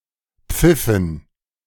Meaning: inflection of pfeifen: 1. first/third-person plural preterite 2. first/third-person plural subjunctive II
- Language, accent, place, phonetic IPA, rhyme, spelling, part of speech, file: German, Germany, Berlin, [ˈp͡fɪfn̩], -ɪfn̩, pfiffen, verb, De-pfiffen.ogg